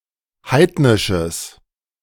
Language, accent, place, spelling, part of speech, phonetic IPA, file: German, Germany, Berlin, heidnisches, adjective, [ˈhaɪ̯tnɪʃəs], De-heidnisches.ogg
- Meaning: strong/mixed nominative/accusative neuter singular of heidnisch